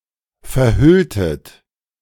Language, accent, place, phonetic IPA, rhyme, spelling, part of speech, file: German, Germany, Berlin, [fɛɐ̯ˈhʏltət], -ʏltət, verhülltet, verb, De-verhülltet.ogg
- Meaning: inflection of verhüllen: 1. second-person plural preterite 2. second-person plural subjunctive II